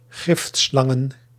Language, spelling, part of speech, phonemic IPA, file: Dutch, giftslangen, noun, /ˈɣɪftslɑŋə(n)/, Nl-giftslangen.ogg
- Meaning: plural of giftslang